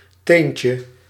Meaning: diminutive of teen
- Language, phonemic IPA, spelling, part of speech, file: Dutch, /ˈteɲcə/, teentje, noun, Nl-teentje.ogg